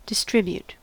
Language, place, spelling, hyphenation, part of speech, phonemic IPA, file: English, California, distribute, dis‧trib‧ute, verb, /dɪˈstɹɪbjut/, En-us-distribute.ogg
- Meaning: 1. To divide into portions and dispense 2. To supply to retail outlets 3. To deliver or pass out 4. To scatter or spread 5. To apportion (more or less evenly)